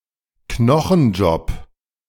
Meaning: backbreaking job
- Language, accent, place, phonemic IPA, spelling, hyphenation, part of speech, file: German, Germany, Berlin, /ˈknɔxn̩ˌd͡ʒɔp/, Knochenjob, Kno‧chen‧job, noun, De-Knochenjob.ogg